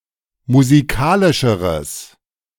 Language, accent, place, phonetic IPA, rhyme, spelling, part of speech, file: German, Germany, Berlin, [muziˈkaːlɪʃəʁəs], -aːlɪʃəʁəs, musikalischeres, adjective, De-musikalischeres.ogg
- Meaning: strong/mixed nominative/accusative neuter singular comparative degree of musikalisch